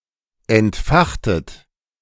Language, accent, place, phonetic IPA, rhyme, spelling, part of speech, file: German, Germany, Berlin, [ɛntˈfaxtət], -axtət, entfachtet, verb, De-entfachtet.ogg
- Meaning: inflection of entfachen: 1. second-person plural preterite 2. second-person plural subjunctive II